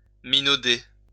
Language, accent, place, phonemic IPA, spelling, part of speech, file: French, France, Lyon, /mi.no.de/, minauder, verb, LL-Q150 (fra)-minauder.wav
- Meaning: to simper